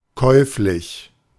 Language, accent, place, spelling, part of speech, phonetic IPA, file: German, Germany, Berlin, käuflich, adjective / adverb, [ˈkɔɪ̯flɪç], De-käuflich.ogg
- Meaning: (adjective) 1. buyable, for sale, purchasable, available 2. venal, corrupt, bribable (willing to do illegal things for money) 3. with a sales agreement